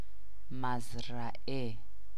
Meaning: farm
- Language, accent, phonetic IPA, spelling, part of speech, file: Persian, Iran, [mæz.ɹæ.ʔe], مزرعه, noun, Fa-مزرعه.ogg